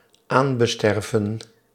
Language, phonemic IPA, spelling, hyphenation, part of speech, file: Dutch, /ˈaːn.bəˌstɛr.və(n)/, aanbesterven, aan‧be‧ster‧ven, verb, Nl-aanbesterven.ogg
- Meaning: to be inherited, to be transferred due to death